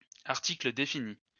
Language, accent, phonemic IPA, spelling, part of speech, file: French, France, /aʁ.ti.klə de.fi.ni/, article défini, noun, LL-Q150 (fra)-article défini.wav
- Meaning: definite article